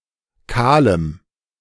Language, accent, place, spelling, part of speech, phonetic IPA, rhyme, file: German, Germany, Berlin, kahlem, adjective, [ˈkaːləm], -aːləm, De-kahlem.ogg
- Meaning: strong dative masculine/neuter singular of kahl